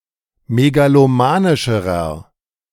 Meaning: inflection of megalomanisch: 1. strong/mixed nominative masculine singular comparative degree 2. strong genitive/dative feminine singular comparative degree
- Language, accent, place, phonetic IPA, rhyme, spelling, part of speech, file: German, Germany, Berlin, [meɡaloˈmaːnɪʃəʁɐ], -aːnɪʃəʁɐ, megalomanischerer, adjective, De-megalomanischerer.ogg